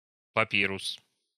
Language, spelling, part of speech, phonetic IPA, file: Russian, папирус, noun, [pɐˈpʲirʊs], Ru-папирус.ogg
- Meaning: papyrus (a plant in the sedge family)